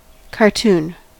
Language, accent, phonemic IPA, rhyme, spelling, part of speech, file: English, US, /kɑɹˈtun/, -uːn, cartoon, noun / verb, En-us-cartoon.ogg
- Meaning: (noun) 1. A humorous drawing, often with a caption, or a strip of such drawings 2. A drawing satirising current public figures 3. An artist's preliminary sketch